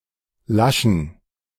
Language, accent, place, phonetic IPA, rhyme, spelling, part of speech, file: German, Germany, Berlin, [ˈlaʃn̩], -aʃn̩, Laschen, noun, De-Laschen.ogg
- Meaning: plural of Lasche